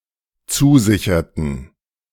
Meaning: inflection of zusichern: 1. first/third-person plural dependent preterite 2. first/third-person plural dependent subjunctive II
- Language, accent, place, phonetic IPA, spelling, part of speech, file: German, Germany, Berlin, [ˈt͡suːˌzɪçɐtn̩], zusicherten, verb, De-zusicherten.ogg